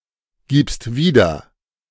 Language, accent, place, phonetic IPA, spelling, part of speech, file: German, Germany, Berlin, [ˌɡiːpst ˈviːdɐ], gibst wieder, verb, De-gibst wieder.ogg
- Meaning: second-person singular present of wiedergeben